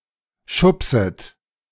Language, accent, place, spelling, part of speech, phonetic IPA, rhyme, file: German, Germany, Berlin, schubset, verb, [ˈʃʊpsət], -ʊpsət, De-schubset.ogg
- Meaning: second-person plural subjunctive I of schubsen